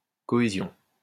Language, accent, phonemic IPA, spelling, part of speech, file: French, France, /kɔ.e.zjɔ̃/, cohésion, noun, LL-Q150 (fra)-cohésion.wav
- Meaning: 1. cohesion (the state of cohering, or of sticking together) 2. cohesion